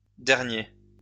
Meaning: masculine plural of dernier
- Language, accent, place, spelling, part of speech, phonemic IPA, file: French, France, Lyon, derniers, adjective, /dɛʁ.nje/, LL-Q150 (fra)-derniers.wav